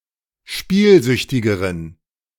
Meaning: inflection of spielsüchtig: 1. strong genitive masculine/neuter singular comparative degree 2. weak/mixed genitive/dative all-gender singular comparative degree
- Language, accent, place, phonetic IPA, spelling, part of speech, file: German, Germany, Berlin, [ˈʃpiːlˌzʏçtɪɡəʁən], spielsüchtigeren, adjective, De-spielsüchtigeren.ogg